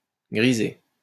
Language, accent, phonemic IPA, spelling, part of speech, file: French, France, /ɡʁi.ze/, griser, verb, LL-Q150 (fra)-griser.wav
- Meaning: 1. grey (to become grey) 2. gray out, to make (a visual element) gray or lighter in color to indicate that it is disabled or unavailable 3. to get tipsy